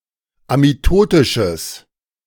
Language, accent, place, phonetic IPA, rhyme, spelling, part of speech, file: German, Germany, Berlin, [amiˈtoːtɪʃəs], -oːtɪʃəs, amitotisches, adjective, De-amitotisches.ogg
- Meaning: strong/mixed nominative/accusative neuter singular of amitotisch